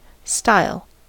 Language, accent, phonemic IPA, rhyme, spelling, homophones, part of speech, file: English, General American, /staɪl/, -aɪl, style, stile / Styal, noun / verb, En-us-style.ogg
- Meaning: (noun) Senses relating to a thin, pointed object.: A sharp stick used for writing on clay tablets or other surfaces; a stylus; (by extension, obsolete) an instrument used to write with ink; a pen